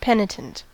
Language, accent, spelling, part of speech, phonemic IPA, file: English, US, penitent, adjective / noun, /ˈpɛnɪtənt/, En-us-penitent.ogg
- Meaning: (adjective) 1. Feeling pain or sorrow on account of one's sins or offenses; feeling sincere guilt 2. Doing penance; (noun) One who repents of sin; one sorrowful on account of their transgressions